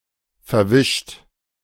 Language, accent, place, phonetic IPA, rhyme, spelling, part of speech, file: German, Germany, Berlin, [fɛɐ̯ˈvɪʃt], -ɪʃt, verwischt, verb, De-verwischt.ogg
- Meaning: 1. past participle of verwischen 2. inflection of verwischen: second-person plural present 3. inflection of verwischen: third-person singular present 4. inflection of verwischen: plural imperative